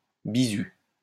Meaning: 1. probationer 2. debutant 3. freshman
- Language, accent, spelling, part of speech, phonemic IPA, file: French, France, bizut, noun, /bi.zy/, LL-Q150 (fra)-bizut.wav